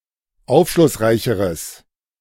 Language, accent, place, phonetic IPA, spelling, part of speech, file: German, Germany, Berlin, [ˈaʊ̯fʃlʊsˌʁaɪ̯çəʁəs], aufschlussreicheres, adjective, De-aufschlussreicheres.ogg
- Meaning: strong/mixed nominative/accusative neuter singular comparative degree of aufschlussreich